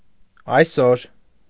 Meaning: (adverb) today
- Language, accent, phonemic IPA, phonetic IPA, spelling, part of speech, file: Armenian, Eastern Armenian, /ɑjˈsoɾ/, [ɑjsóɾ], այսօր, adverb / noun, Hy-այսօր.ogg